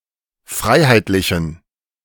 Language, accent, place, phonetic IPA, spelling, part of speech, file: German, Germany, Berlin, [ˈfʁaɪ̯haɪ̯tlɪçn̩], freiheitlichen, adjective, De-freiheitlichen.ogg
- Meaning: inflection of freiheitlich: 1. strong genitive masculine/neuter singular 2. weak/mixed genitive/dative all-gender singular 3. strong/weak/mixed accusative masculine singular 4. strong dative plural